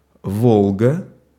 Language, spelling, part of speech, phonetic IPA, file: Russian, Волга, proper noun, [ˈvoɫɡə], Ru-Волга.ogg
- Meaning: 1. Volga (a major river in Russia, the longest river in Europe) 2. Volga (mid-size Russian automobile often used as a taxi) 3. Volga (Russian rocket upper stage)